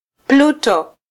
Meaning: Pluto (dwarf planet)
- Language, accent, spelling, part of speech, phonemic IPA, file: Swahili, Kenya, Pluto, proper noun, /ˈplu.tɔ/, Sw-ke-Pluto.flac